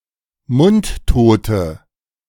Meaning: inflection of mundtot: 1. strong/mixed nominative/accusative feminine singular 2. strong nominative/accusative plural 3. weak nominative all-gender singular 4. weak accusative feminine/neuter singular
- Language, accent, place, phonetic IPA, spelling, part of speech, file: German, Germany, Berlin, [ˈmʊntˌtoːtə], mundtote, adjective, De-mundtote.ogg